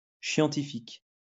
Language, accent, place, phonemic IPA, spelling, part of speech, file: French, France, Lyon, /ʃjɑ̃.ti.fik/, chiantifique, adjective, LL-Q150 (fra)-chiantifique.wav
- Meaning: scientific yet "boring as shit"